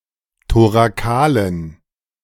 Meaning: inflection of thorakal: 1. strong genitive masculine/neuter singular 2. weak/mixed genitive/dative all-gender singular 3. strong/weak/mixed accusative masculine singular 4. strong dative plural
- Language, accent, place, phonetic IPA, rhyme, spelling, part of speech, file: German, Germany, Berlin, [toʁaˈkaːlən], -aːlən, thorakalen, adjective, De-thorakalen.ogg